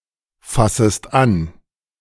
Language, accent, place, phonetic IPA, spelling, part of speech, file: German, Germany, Berlin, [ˌfasəst ˈan], fassest an, verb, De-fassest an.ogg
- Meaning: second-person singular subjunctive I of anfassen